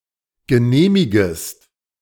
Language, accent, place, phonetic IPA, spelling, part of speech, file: German, Germany, Berlin, [ɡəˈneːmɪɡəst], genehmigest, verb, De-genehmigest.ogg
- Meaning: second-person singular subjunctive I of genehmigen